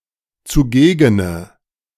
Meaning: inflection of zugegen: 1. strong/mixed nominative/accusative feminine singular 2. strong nominative/accusative plural 3. weak nominative all-gender singular 4. weak accusative feminine/neuter singular
- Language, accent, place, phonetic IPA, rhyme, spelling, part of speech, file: German, Germany, Berlin, [t͡suˈɡeːɡənə], -eːɡənə, zugegene, adjective, De-zugegene.ogg